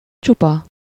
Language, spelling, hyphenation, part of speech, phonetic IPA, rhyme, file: Hungarian, csupa, csu‧pa, adjective / adverb, [ˈt͡ʃupɒ], -pɒ, Hu-csupa.ogg